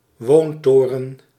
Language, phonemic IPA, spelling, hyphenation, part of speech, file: Dutch, /ˈʋoːnˌtoː.rə(n)/, woontoren, woon‧to‧ren, noun, Nl-woontoren.ogg
- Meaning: residential tower